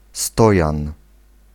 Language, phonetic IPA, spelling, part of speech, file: Polish, [ˈstɔjãn], stojan, noun, Pl-stojan.ogg